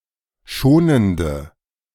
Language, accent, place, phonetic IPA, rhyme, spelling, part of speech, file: German, Germany, Berlin, [ˈʃoːnəndə], -oːnəndə, schonende, adjective, De-schonende.ogg
- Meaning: inflection of schonend: 1. strong/mixed nominative/accusative feminine singular 2. strong nominative/accusative plural 3. weak nominative all-gender singular